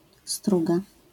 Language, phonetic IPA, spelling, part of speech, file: Polish, [ˈstruɡa], struga, noun / verb, LL-Q809 (pol)-struga.wav